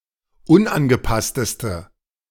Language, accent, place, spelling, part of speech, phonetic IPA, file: German, Germany, Berlin, unangepassteste, adjective, [ˈʊnʔanɡəˌpastəstə], De-unangepassteste.ogg
- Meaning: inflection of unangepasst: 1. strong/mixed nominative/accusative feminine singular superlative degree 2. strong nominative/accusative plural superlative degree